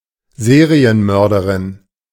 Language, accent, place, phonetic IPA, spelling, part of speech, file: German, Germany, Berlin, [ˈzeːʁiənˌmœʁdəʁɪn], Serienmörderin, noun, De-Serienmörderin.ogg
- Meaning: female equivalent of Serienmörder: female serial killer